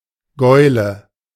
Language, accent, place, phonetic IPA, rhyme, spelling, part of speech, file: German, Germany, Berlin, [ˈɡɔɪ̯lə], -ɔɪ̯lə, Gäule, noun, De-Gäule.ogg
- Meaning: nominative genitive accusative masculine plural of Gaul